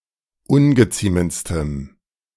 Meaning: strong dative masculine/neuter singular superlative degree of ungeziemend
- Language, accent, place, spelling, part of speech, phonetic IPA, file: German, Germany, Berlin, ungeziemendstem, adjective, [ˈʊnɡəˌt͡siːmənt͡stəm], De-ungeziemendstem.ogg